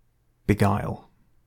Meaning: 1. To deceive or delude (using guile) 2. To charm, delight or captivate 3. To cause (time) to seem to pass quickly, by way of pleasant diversion
- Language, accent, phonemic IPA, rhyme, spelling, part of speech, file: English, UK, /bɪˈɡaɪl/, -aɪl, beguile, verb, En-GB-beguile.ogg